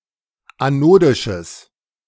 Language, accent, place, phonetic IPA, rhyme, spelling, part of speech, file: German, Germany, Berlin, [aˈnoːdɪʃəs], -oːdɪʃəs, anodisches, adjective, De-anodisches.ogg
- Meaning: strong/mixed nominative/accusative neuter singular of anodisch